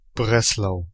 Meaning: Wrocław, Breslau (a city in Lower Silesia Voivodeship, Poland)
- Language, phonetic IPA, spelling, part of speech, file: German, [ˈbʁɛslaʊ̯], Breslau, proper noun, De-Breslau.ogg